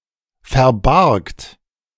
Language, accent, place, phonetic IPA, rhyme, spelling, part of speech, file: German, Germany, Berlin, [fɛɐ̯ˈbaʁkt], -aʁkt, verbargt, verb, De-verbargt.ogg
- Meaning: second-person plural preterite of verbergen